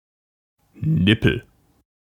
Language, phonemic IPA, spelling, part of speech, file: German, /ˈnɪpl̩/, Nippel, noun, De-Nippel.ogg
- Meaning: 1. nipple 2. stud, protrusion 3. ellipsis of Speichennippel (“spoke nipple”)